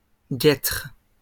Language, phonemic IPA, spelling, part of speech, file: French, /ɡɛtʁ/, guêtres, noun / verb, LL-Q150 (fra)-guêtres.wav
- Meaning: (noun) plural of guêtre; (verb) second-person singular present indicative/subjunctive of guêtrer